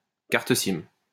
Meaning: a SIM card
- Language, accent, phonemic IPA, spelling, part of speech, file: French, France, /kaʁ.t(ə) sim/, carte SIM, noun, LL-Q150 (fra)-carte SIM.wav